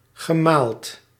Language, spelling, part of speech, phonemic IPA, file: Dutch, gemaald, verb, /ɣəˈmalt/, Nl-gemaald.ogg
- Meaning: past participle of malen